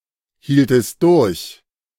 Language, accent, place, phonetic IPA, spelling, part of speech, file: German, Germany, Berlin, [ˌhiːltəst ˈdʊʁç], hieltest durch, verb, De-hieltest durch.ogg
- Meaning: second-person singular subjunctive I of durchhalten